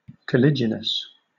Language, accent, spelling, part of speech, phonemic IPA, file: English, Southern England, caliginous, adjective, /kəˈlɪdʒɪnəs/, LL-Q1860 (eng)-caliginous.wav
- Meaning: Dark, obscure; murky